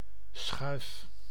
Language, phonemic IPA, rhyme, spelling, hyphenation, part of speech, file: Dutch, /sxœy̯f/, -œy̯f, schuif, schuif, noun / verb, Nl-schuif.ogg
- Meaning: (noun) 1. drawer 2. bolt, to lock a door etc 3. slide, moving or moveable 4. shove 5. something shoven; a portion of sorts 6. mouth